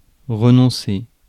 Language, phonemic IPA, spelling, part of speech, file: French, /ʁə.nɔ̃.se/, renoncer, verb, Fr-renoncer.ogg
- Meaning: 1. to resign, to quit 2. to renounce, to waive (legal; right)